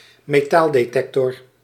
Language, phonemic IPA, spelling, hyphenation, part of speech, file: Dutch, /meːˈtaːl.deːˌtɛk.tɔr/, metaaldetector, me‧taal‧de‧tec‧tor, noun, Nl-metaaldetector.ogg
- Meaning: metal detector